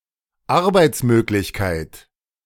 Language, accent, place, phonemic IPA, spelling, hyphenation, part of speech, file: German, Germany, Berlin, /ˈaʁbaɪ̯t͡sˌmøːklɪçkaɪ̯t/, Arbeitsmöglichkeit, Ar‧beits‧mög‧lich‧keit, noun, De-Arbeitsmöglichkeit.ogg
- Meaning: opportunity for a paid job